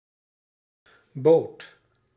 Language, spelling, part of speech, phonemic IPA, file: Dutch, bood, verb, /bot/, Nl-bood.ogg
- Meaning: singular past indicative of bieden